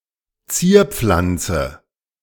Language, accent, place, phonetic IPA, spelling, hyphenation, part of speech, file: German, Germany, Berlin, [ˈt͡siːɐ̯ˌp͡flant͡sə], Zierpflanze, Zier‧pflan‧ze, noun, De-Zierpflanze.ogg
- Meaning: ornamental plant